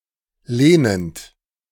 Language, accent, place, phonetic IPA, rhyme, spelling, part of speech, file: German, Germany, Berlin, [ˈleːnənt], -eːnənt, lehnend, verb, De-lehnend.ogg
- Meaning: present participle of lehnen